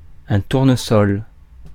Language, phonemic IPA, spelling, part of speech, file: French, /tuʁ.nə.sɔl/, tournesol, noun, Fr-tournesol.ogg
- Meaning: 1. sunflower (Helianthus annuus) 2. heliotrope (plant with flowers which turn to follow the sun) 3. litmus